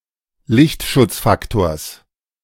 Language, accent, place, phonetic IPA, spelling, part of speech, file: German, Germany, Berlin, [ˈlɪçtʃʊt͡sˌfaktoːɐ̯s], Lichtschutzfaktors, noun, De-Lichtschutzfaktors.ogg
- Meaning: genitive singular of Lichtschutzfaktor